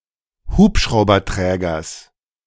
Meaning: genitive singular of Hubschrauberträger
- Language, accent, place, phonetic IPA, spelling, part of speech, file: German, Germany, Berlin, [ˈhuːpʃʁaʊ̯bɐˌtʁɛːɡɐs], Hubschrauberträgers, noun, De-Hubschrauberträgers.ogg